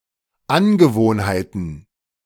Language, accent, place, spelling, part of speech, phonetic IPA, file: German, Germany, Berlin, Angewohnheiten, noun, [ˈanɡəˌvoːnhaɪ̯tn̩], De-Angewohnheiten.ogg
- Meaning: plural of Angewohnheit